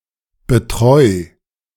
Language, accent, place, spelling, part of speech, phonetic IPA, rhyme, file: German, Germany, Berlin, betreu, verb, [bəˈtʁɔɪ̯], -ɔɪ̯, De-betreu.ogg
- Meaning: 1. singular imperative of betreuen 2. first-person singular present of betreuen